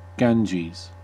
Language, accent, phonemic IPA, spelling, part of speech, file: English, US, /ˈɡænd͡ʒiz/, Ganges, proper noun, En-us-Ganges.ogg
- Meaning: A river in India and Bangladesh, sacred within Hinduism